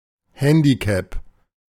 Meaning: 1. handicap (allowance to offset skill differences; measure of ability) 2. handicap, disadvantage, something that hampers 3. physical handicap, disability
- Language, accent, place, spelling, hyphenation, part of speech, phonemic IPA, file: German, Germany, Berlin, Handicap, Han‧di‧cap, noun, /ˈhɛndiˌkɛp/, De-Handicap.ogg